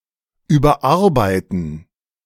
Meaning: 1. to edit something in order to improve it; to edit something that it is nearly completely rewritten; to revise, to rework 2. to work so much as to make someone overstressed; to overwork
- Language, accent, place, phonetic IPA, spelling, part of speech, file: German, Germany, Berlin, [ˌyːbɐˈʔaʁbaɪ̯tn̩], überarbeiten, verb, De-überarbeiten.ogg